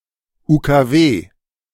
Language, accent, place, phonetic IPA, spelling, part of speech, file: German, Germany, Berlin, [uːkaˈveː], UKW, abbreviation, De-UKW.ogg
- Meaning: initialism of Ultrakurzwelle